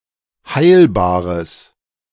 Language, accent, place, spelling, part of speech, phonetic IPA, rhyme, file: German, Germany, Berlin, heilbares, adjective, [ˈhaɪ̯lbaːʁəs], -aɪ̯lbaːʁəs, De-heilbares.ogg
- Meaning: strong/mixed nominative/accusative neuter singular of heilbar